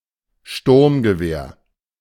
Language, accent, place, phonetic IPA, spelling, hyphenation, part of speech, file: German, Germany, Berlin, [ˈʃtʊʁmɡəˌveːɐ̯], Sturmgewehr, Sturm‧ge‧wehr, noun, De-Sturmgewehr.ogg
- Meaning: assault rifle